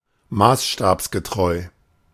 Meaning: to scale, true to scale
- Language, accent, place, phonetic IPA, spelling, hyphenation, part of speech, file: German, Germany, Berlin, [ˈmaːsʃtaːpsɡəˌtʁɔɪ̯], maßstabsgetreu, maß‧stabs‧ge‧treu, adjective, De-maßstabsgetreu.ogg